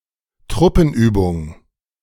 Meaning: military exercise
- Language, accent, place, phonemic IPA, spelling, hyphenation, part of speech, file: German, Germany, Berlin, /ˈtʁʊpənˌyːbʊŋ/, Truppenübung, Trup‧pen‧ü‧bung, noun, De-Truppenübung.ogg